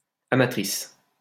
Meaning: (noun) female equivalent of amateur; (adjective) feminine singular of amateur
- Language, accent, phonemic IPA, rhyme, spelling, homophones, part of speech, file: French, France, /a.ma.tʁis/, -is, amatrice, amatrices, noun / adjective, LL-Q150 (fra)-amatrice.wav